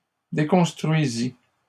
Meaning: third-person singular imperfect subjunctive of déconstruire
- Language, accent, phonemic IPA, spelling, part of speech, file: French, Canada, /de.kɔ̃s.tʁɥi.zi/, déconstruisît, verb, LL-Q150 (fra)-déconstruisît.wav